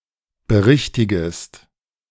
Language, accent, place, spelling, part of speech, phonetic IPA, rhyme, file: German, Germany, Berlin, berichtigest, verb, [bəˈʁɪçtɪɡəst], -ɪçtɪɡəst, De-berichtigest.ogg
- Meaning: second-person singular subjunctive I of berichtigen